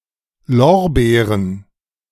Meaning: 1. plural of Lorbeer 2. plural of Lorbeere
- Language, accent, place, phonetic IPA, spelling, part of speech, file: German, Germany, Berlin, [ˈlɔʁˌbeːʁən], Lorbeeren, noun, De-Lorbeeren.ogg